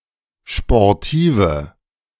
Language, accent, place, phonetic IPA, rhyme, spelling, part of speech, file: German, Germany, Berlin, [ʃpɔʁˈtiːvə], -iːvə, sportive, adjective, De-sportive.ogg
- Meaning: inflection of sportiv: 1. strong/mixed nominative/accusative feminine singular 2. strong nominative/accusative plural 3. weak nominative all-gender singular 4. weak accusative feminine/neuter singular